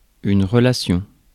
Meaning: 1. relation 2. relationship
- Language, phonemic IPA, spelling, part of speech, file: French, /ʁə.la.sjɔ̃/, relation, noun, Fr-relation.ogg